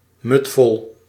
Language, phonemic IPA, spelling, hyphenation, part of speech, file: Dutch, /mʏtˈfɔl/, mudvol, mud‧vol, adjective, Nl-mudvol.ogg
- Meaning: completely full